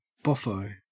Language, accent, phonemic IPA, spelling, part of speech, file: English, Australia, /ˈbɒfoʊ/, boffo, adjective / noun, En-au-boffo.ogg
- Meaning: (adjective) Outstanding; very good or successful; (noun) A great success; a hit